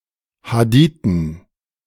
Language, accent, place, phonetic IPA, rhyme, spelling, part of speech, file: German, Germany, Berlin, [haˈdiːtn̩], -iːtn̩, Hadithen, noun, De-Hadithen.ogg
- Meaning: dative plural of Hadith